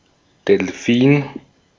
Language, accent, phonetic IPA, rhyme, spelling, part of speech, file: German, Austria, [dɛlˈfiːn], -iːn, Delfin, noun, De-at-Delfin.ogg
- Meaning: alternative spelling of Delphin